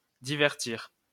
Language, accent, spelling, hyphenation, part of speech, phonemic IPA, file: French, France, divertir, di‧ver‧tir, verb, /di.vɛʁ.tiʁ/, LL-Q150 (fra)-divertir.wav
- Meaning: 1. to amuse; to entertain 2. to distract